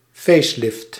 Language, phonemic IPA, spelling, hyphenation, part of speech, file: Dutch, /ˈfeːs.lɪft/, facelift, face‧lift, noun, Nl-facelift.ogg
- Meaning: a facelift (remodelling of a face, facade, front or general appearance of someone or something)